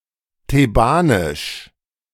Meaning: Theban
- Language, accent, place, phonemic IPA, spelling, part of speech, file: German, Germany, Berlin, /teˈbaːnɪʃ/, thebanisch, adjective, De-thebanisch.ogg